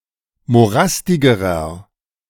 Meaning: inflection of morastig: 1. strong/mixed nominative masculine singular comparative degree 2. strong genitive/dative feminine singular comparative degree 3. strong genitive plural comparative degree
- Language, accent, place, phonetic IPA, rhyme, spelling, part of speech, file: German, Germany, Berlin, [moˈʁastɪɡəʁɐ], -astɪɡəʁɐ, morastigerer, adjective, De-morastigerer.ogg